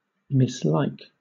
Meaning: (verb) 1. To disapprove of or dislike (someone or something); to have an aversion to 2. To displease or offend (someone) 3. To displease or offend 4. To disapprove; also, to be displeased or unhappy
- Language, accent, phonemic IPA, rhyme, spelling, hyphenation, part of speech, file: English, Southern England, /(ˌ)mɪsˈlaɪk/, -aɪk, mislike, mis‧like, verb / noun / adjective, LL-Q1860 (eng)-mislike.wav